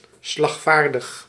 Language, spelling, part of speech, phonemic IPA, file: Dutch, slagvaardig, adjective, /slɑxˈfardəx/, Nl-slagvaardig.ogg
- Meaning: alert, ready for battle